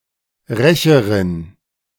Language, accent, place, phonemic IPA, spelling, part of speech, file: German, Germany, Berlin, /ˈʁɛçɐʁɪn/, Rächerin, noun, De-Rächerin.ogg
- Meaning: avenger, revenger, retaliator (female)